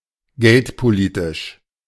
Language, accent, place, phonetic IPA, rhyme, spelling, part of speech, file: German, Germany, Berlin, [ˈɡɛltpoˌliːtɪʃ], -ɛltpoliːtɪʃ, geldpolitisch, adjective, De-geldpolitisch.ogg
- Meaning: monetary policy